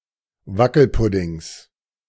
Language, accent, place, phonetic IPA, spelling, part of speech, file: German, Germany, Berlin, [ˈvakl̩ˌpʊdɪŋs], Wackelpuddings, noun, De-Wackelpuddings.ogg
- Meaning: genitive singular of Wackelpudding